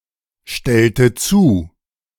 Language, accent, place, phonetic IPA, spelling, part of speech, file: German, Germany, Berlin, [ˌʃtɛltə ˈt͡suː], stellte zu, verb, De-stellte zu.ogg
- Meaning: inflection of zustellen: 1. first/third-person singular preterite 2. first/third-person singular subjunctive II